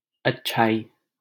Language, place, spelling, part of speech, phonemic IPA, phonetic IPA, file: Hindi, Delhi, अच्छाई, noun, /ət̪.t͡ʃʰɑː.iː/, [ɐt̚.t͡ʃʰäː.iː], LL-Q1568 (hin)-अच्छाई.wav
- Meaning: 1. goodness 2. excellence